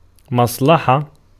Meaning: 1. verbal noun of صَلَحَ (ṣalaḥa) (form I) 2. anything promoting, salutary, advantageous; benefit 3. advantage 4. business, undertaking, enterprise 5. benevolence 6. weal, welfare (of a country, etc.)
- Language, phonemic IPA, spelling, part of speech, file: Arabic, /masˤ.la.ħa/, مصلحة, noun, Ar-مصلحة.ogg